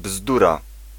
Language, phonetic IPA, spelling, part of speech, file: Polish, [ˈbzdura], bzdura, noun, Pl-bzdura.ogg